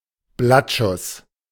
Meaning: alternative spelling of Blattschuss
- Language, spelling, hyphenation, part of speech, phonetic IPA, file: German, Blattschuß, Blatt‧schuß, noun, [ˈblatˌʃʊs], De-Blattschuss.ogg